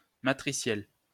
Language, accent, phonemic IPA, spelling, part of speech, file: French, France, /ma.tʁi.sjɛl/, matriciel, adjective, LL-Q150 (fra)-matriciel.wav
- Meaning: matrix, matricial, matric